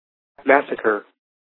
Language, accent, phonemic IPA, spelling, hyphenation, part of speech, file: English, US, /ˈmæs.ə.kə(ɹ)/, massacre, mass‧a‧cre, noun / verb, En-us-massacre.ogg
- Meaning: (noun) The killing of a considerable number (usually limited to people) where little or no resistance can be made, with indiscriminate violence, without necessity, and/or contrary to civilized norms